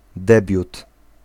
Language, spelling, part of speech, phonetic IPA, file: Polish, debiut, noun, [ˈdɛbʲjut], Pl-debiut.ogg